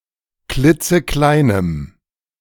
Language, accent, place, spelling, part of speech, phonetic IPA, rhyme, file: German, Germany, Berlin, klitzekleinem, adjective, [ˈklɪt͡səˈklaɪ̯nəm], -aɪ̯nəm, De-klitzekleinem.ogg
- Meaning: strong dative masculine/neuter singular of klitzeklein